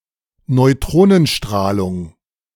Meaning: neutron radiation or emission
- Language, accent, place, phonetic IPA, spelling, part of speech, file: German, Germany, Berlin, [nɔɪ̯ˈtʁoːnənˌʃtʁaːlʊŋ], Neutronenstrahlung, noun, De-Neutronenstrahlung.ogg